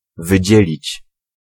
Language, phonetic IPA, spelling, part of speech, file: Polish, [vɨˈd͡ʑɛlʲit͡ɕ], wydzielić, verb, Pl-wydzielić.ogg